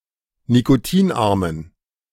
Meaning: inflection of nikotinarm: 1. strong genitive masculine/neuter singular 2. weak/mixed genitive/dative all-gender singular 3. strong/weak/mixed accusative masculine singular 4. strong dative plural
- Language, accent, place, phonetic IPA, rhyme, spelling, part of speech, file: German, Germany, Berlin, [nikoˈtiːnˌʔaʁmən], -iːnʔaʁmən, nikotinarmen, adjective, De-nikotinarmen.ogg